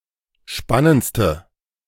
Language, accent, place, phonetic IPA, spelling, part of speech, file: German, Germany, Berlin, [ˈʃpanənt͡stə], spannendste, adjective, De-spannendste.ogg
- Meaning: inflection of spannend: 1. strong/mixed nominative/accusative feminine singular superlative degree 2. strong nominative/accusative plural superlative degree